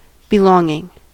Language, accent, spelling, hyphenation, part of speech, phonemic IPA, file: English, General American, belonging, be‧long‧ing, noun / verb, /bɪˈlɔŋɪŋ/, En-us-belonging.ogg
- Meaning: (noun) 1. The feeling that one belongs 2. Something physical that is owned 3. Family; relations; household; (verb) present participle and gerund of belong